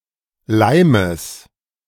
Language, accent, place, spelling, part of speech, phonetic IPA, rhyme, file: German, Germany, Berlin, Leimes, noun, [ˈlaɪ̯məs], -aɪ̯məs, De-Leimes.ogg
- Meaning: genitive singular of Leim